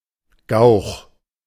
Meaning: 1. a cuckoo; Cuculus canorus 2. a fool 3. a cuckold
- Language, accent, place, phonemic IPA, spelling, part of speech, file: German, Germany, Berlin, /ɡaʊ̯x/, Gauch, noun, De-Gauch.ogg